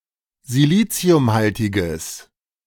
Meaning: strong/mixed nominative/accusative neuter singular of siliziumhaltig
- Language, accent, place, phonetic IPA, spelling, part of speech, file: German, Germany, Berlin, [ziˈliːt͡si̯ʊmˌhaltɪɡəs], siliziumhaltiges, adjective, De-siliziumhaltiges.ogg